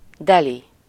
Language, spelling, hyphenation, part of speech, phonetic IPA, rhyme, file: Hungarian, deli, de‧li, adjective, [ˈdɛli], -li, Hu-deli.ogg
- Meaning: stalwart, athletic (figure), well-built (person)